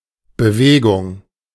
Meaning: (noun) 1. motion 2. move (step made in the execution of a plan or goal; a change in strategy) 3. movement; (interjection) get a move on, hurry up, let's go
- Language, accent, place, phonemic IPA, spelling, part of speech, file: German, Germany, Berlin, /bəˈveːɡʊŋ/, Bewegung, noun / interjection, De-Bewegung.ogg